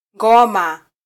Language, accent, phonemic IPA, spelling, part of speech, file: Swahili, Kenya, /ˈᵑɡɔ.mɑ/, ngoma, noun, Sw-ke-ngoma.flac
- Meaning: 1. drum 2. dance